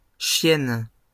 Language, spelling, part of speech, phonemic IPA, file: French, chiennes, noun, /ʃjɛn/, LL-Q150 (fra)-chiennes.wav
- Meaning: plural of chienne